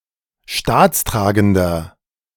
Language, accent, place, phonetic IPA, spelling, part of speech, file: German, Germany, Berlin, [ˈʃtaːt͡sˌtʁaːɡn̩dɐ], staatstragender, adjective, De-staatstragender.ogg
- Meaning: inflection of staatstragend: 1. strong/mixed nominative masculine singular 2. strong genitive/dative feminine singular 3. strong genitive plural